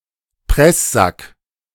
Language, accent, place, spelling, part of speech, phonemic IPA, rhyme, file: German, Germany, Berlin, Presssack, noun, /ˈprɛszak/, -ak, De-Presssack.ogg
- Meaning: 1. brawn, a type of sausage 2. draining bag for grated potatoes